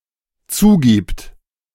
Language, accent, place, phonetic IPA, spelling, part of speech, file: German, Germany, Berlin, [ˈt͡suːˌɡiːpt], zugibt, verb, De-zugibt.ogg
- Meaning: third-person singular dependent present of zugeben